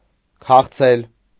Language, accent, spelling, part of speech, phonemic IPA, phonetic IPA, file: Armenian, Eastern Armenian, քաղցել, verb, /kʰɑχˈt͡sʰel/, [kʰɑχt͡sʰél], Hy-քաղցել.ogg
- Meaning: to be hungry